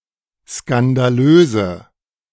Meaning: inflection of skandalös: 1. strong/mixed nominative/accusative feminine singular 2. strong nominative/accusative plural 3. weak nominative all-gender singular
- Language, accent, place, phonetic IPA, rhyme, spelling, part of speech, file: German, Germany, Berlin, [skandaˈløːzə], -øːzə, skandalöse, adjective, De-skandalöse.ogg